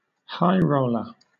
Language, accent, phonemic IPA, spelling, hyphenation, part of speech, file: English, Southern England, /ˈhaɪ ˈɹəʊlə/, high roller, high roll‧er, noun, LL-Q1860 (eng)-high roller.wav
- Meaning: 1. A gambler who wagers large amounts of money, usually in a casino 2. One who has a lot of money and lives luxuriously